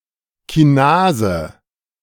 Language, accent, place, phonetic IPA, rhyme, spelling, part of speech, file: German, Germany, Berlin, [kiˈnaːzə], -aːzə, Kinase, noun, De-Kinase.ogg
- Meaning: kinase